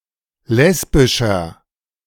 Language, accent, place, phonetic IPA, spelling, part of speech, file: German, Germany, Berlin, [ˈlɛsbɪʃɐ], lesbischer, adjective, De-lesbischer.ogg
- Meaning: inflection of lesbisch: 1. strong/mixed nominative masculine singular 2. strong genitive/dative feminine singular 3. strong genitive plural